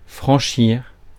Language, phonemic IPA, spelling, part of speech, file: French, /fʁɑ̃.ʃiʁ/, franchir, verb, Fr-franchir.ogg
- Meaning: 1. to clear, to cross (a line), to pass (an obstacle etc.); to get over (a fence) 2. to cover (a distance)